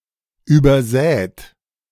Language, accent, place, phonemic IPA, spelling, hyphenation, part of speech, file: German, Germany, Berlin, /ˌyːbɐˈzɛːt/, übersät, über‧sät, verb / adjective, De-übersät.ogg
- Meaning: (verb) past participle of übersäen; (adjective) strewn, studded